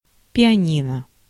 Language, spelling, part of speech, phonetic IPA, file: Russian, пианино, noun, [pʲɪɐˈnʲinə], Ru-пианино.ogg
- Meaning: 1. upright piano 2. piano